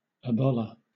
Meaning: A cloak made of a piece of cloth folded double, worn by Ancient Greeks and Romans draped over one shoulder and fastened with a brooch
- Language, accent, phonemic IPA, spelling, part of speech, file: English, Southern England, /əˈbɒlə/, abolla, noun, LL-Q1860 (eng)-abolla.wav